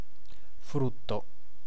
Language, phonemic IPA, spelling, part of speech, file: Italian, /ˈfrutto/, frutto, noun / verb, It-frutto.ogg